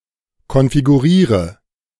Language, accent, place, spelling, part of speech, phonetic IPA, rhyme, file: German, Germany, Berlin, konfiguriere, verb, [kɔnfiɡuˈʁiːʁə], -iːʁə, De-konfiguriere.ogg
- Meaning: inflection of konfigurieren: 1. first-person singular present 2. singular imperative 3. first/third-person singular subjunctive I